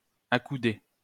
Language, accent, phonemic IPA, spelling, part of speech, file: French, France, /a.ku.de/, accouder, verb, LL-Q150 (fra)-accouder.wav
- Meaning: to rest, lean (on one's elbows)